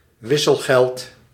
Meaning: 1. change (money returned after not paying exactly; stock of money used for this purpose) 2. bargaining chip 3. fee for converting money to a different currency
- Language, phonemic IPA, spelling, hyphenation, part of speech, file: Dutch, /ˈʋɪ.səlˌɣɛlt/, wisselgeld, wis‧sel‧geld, noun, Nl-wisselgeld.ogg